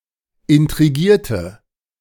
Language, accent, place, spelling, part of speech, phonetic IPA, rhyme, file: German, Germany, Berlin, intrigierte, verb, [ɪntʁiˈɡiːɐ̯tə], -iːɐ̯tə, De-intrigierte.ogg
- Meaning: inflection of intrigieren: 1. first/third-person singular preterite 2. first/third-person singular subjunctive II